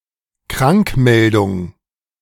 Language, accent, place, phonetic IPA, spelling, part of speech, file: German, Germany, Berlin, [ˈkʁaŋkˌmɛldʊŋ], Krankmeldung, noun, De-Krankmeldung.ogg
- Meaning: notification of illness